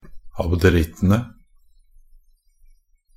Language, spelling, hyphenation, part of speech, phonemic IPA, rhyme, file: Norwegian Bokmål, abderittene, ab‧de‧ritt‧en‧e, noun, /abdəˈrɪtːənə/, -ənə, Nb-abderittene.ogg
- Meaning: definite plural of abderitt